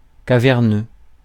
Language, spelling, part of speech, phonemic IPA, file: French, caverneux, adjective, /ka.vɛʁ.nø/, Fr-caverneux.ogg
- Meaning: 1. cavernous 2. sonorous